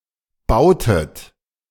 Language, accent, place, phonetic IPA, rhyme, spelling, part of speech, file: German, Germany, Berlin, [ˈbaʊ̯tət], -aʊ̯tət, bautet, verb, De-bautet.ogg
- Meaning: inflection of bauen: 1. second-person plural preterite 2. second-person plural subjunctive II